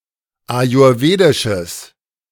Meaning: strong/mixed nominative/accusative neuter singular of ayurwedisch
- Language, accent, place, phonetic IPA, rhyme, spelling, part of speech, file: German, Germany, Berlin, [ajʊʁˈveːdɪʃəs], -eːdɪʃəs, ayurwedisches, adjective, De-ayurwedisches.ogg